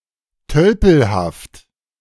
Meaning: doltish, oafish, clumsy, uncouth, blundering
- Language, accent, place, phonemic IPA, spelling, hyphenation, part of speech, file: German, Germany, Berlin, /ˈtœlpl̩haft/, tölpelhaft, töl‧pel‧haft, adjective, De-tölpelhaft.ogg